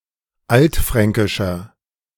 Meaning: inflection of altfränkisch: 1. strong/mixed nominative masculine singular 2. strong genitive/dative feminine singular 3. strong genitive plural
- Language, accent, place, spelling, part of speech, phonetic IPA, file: German, Germany, Berlin, altfränkischer, adjective, [ˈaltˌfʁɛŋkɪʃɐ], De-altfränkischer.ogg